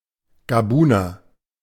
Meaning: Gabonese (a person from Gabon or of Gabonese descent)
- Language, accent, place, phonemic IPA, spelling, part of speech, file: German, Germany, Berlin, /ɡaˈbuːnɐ/, Gabuner, noun, De-Gabuner.ogg